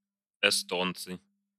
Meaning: nominative plural of эсто́нец (estónec)
- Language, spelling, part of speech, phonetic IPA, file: Russian, эстонцы, noun, [ɪˈstont͡sɨ], Ru-эстонцы.ogg